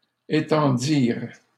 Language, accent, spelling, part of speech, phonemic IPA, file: French, Canada, étendirent, verb, /e.tɑ̃.diʁ/, LL-Q150 (fra)-étendirent.wav
- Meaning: third-person plural past historic of étendre